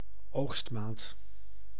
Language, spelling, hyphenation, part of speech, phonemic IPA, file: Dutch, oogstmaand, oogst‧maand, noun, /ˈoːxstˌmaːnt/, Nl-oogstmaand.ogg
- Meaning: August